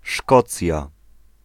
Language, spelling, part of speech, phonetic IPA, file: Polish, Szkocja, proper noun, [ˈʃkɔt͡sʲja], Pl-Szkocja.ogg